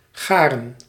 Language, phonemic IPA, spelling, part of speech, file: Dutch, /ˈɣaːrə(n)/, garen, noun / verb, Nl-garen.ogg
- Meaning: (noun) yarn, thread; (verb) 1. to make/become ready (cooked) 2. to collect, to gather